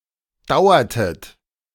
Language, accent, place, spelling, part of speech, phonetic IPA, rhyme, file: German, Germany, Berlin, dauertet, verb, [ˈdaʊ̯ɐtət], -aʊ̯ɐtət, De-dauertet.ogg
- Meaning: inflection of dauern: 1. second-person plural preterite 2. second-person plural subjunctive II